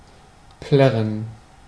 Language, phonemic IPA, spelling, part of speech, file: German, /ˈplɛʁən/, plärren, verb, De-plärren.ogg
- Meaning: 1. to cry or weep in a shrill and continuous manner 2. to sing unmelodiously or cacophonously 3. to blare, to produce sound loudly and piercingly